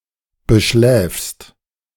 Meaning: second-person singular present of beschlafen
- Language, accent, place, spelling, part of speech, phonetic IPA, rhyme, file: German, Germany, Berlin, beschläfst, verb, [bəˈʃlɛːfst], -ɛːfst, De-beschläfst.ogg